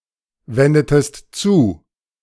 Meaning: inflection of zuwenden: 1. second-person singular preterite 2. second-person singular subjunctive II
- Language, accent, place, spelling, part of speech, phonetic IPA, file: German, Germany, Berlin, wendetest zu, verb, [ˌvɛndətəst ˈt͡suː], De-wendetest zu.ogg